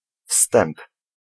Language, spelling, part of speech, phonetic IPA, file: Polish, wstęp, noun, [fstɛ̃mp], Pl-wstęp.ogg